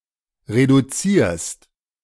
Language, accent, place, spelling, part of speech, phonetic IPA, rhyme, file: German, Germany, Berlin, reduzierst, verb, [ʁeduˈt͡siːɐ̯st], -iːɐ̯st, De-reduzierst.ogg
- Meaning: second-person singular present of reduzieren